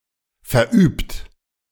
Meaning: 1. past participle of verüben 2. inflection of verüben: third-person singular present 3. inflection of verüben: second-person plural present 4. inflection of verüben: plural imperative
- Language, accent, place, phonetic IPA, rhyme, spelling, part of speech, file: German, Germany, Berlin, [fɛɐ̯ˈʔyːpt], -yːpt, verübt, verb, De-verübt.ogg